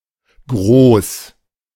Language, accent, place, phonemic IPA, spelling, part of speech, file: German, Germany, Berlin, /ɡroːs/, Groß, noun / proper noun, De-Groß.ogg
- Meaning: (noun) alternative spelling of Gros; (proper noun) a surname transferred from the nickname